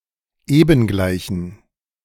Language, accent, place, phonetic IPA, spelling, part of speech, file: German, Germany, Berlin, [ˈeːbn̩ˌɡlaɪ̯çn̩], ebengleichen, adjective, De-ebengleichen.ogg
- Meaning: inflection of ebengleich: 1. strong genitive masculine/neuter singular 2. weak/mixed genitive/dative all-gender singular 3. strong/weak/mixed accusative masculine singular 4. strong dative plural